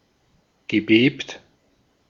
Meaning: past participle of beben
- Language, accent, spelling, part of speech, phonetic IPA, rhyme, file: German, Austria, gebebt, verb, [ɡəˈbeːpt], -eːpt, De-at-gebebt.ogg